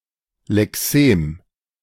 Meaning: lexeme (unit of vocabulary, the different forms of the same lemma)
- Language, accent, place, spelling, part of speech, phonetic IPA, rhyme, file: German, Germany, Berlin, Lexem, noun, [lɛˈkseːm], -eːm, De-Lexem.ogg